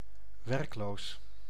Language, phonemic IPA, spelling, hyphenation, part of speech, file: Dutch, /ˈʋɛrk.loːs/, werkloos, werk‧loos, adjective, Nl-werkloos.ogg
- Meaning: alternative form of werkeloos